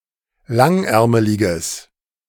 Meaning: strong/mixed nominative/accusative neuter singular of langärmelig
- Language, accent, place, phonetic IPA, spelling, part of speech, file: German, Germany, Berlin, [ˈlaŋˌʔɛʁməlɪɡəs], langärmeliges, adjective, De-langärmeliges.ogg